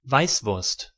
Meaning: weisswurst ("white sausage"); a traditional Bavarian sausage made from veal and pork bacon
- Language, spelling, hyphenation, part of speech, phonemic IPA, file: German, Weißwurst, Weiß‧wurst, noun, /ˈvaɪ̯sˌvʊʁst/, De-Weißwurst.ogg